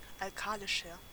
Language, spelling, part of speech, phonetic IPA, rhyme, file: German, alkalischer, adjective, [alˈkaːlɪʃɐ], -aːlɪʃɐ, De-alkalischer.ogg
- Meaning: 1. comparative degree of alkalisch 2. inflection of alkalisch: strong/mixed nominative masculine singular 3. inflection of alkalisch: strong genitive/dative feminine singular